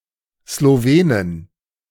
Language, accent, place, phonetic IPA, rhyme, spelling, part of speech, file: German, Germany, Berlin, [sloˈveːnɪn], -eːnɪn, Slowenin, noun, De-Slowenin.ogg
- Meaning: female equivalent of Slowene (“person from Slovenia”)